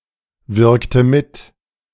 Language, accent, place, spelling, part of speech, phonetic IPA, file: German, Germany, Berlin, wirkte mit, verb, [ˌvɪʁktə ˈmɪt], De-wirkte mit.ogg
- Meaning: inflection of mitwirken: 1. first/third-person singular preterite 2. first/third-person singular subjunctive II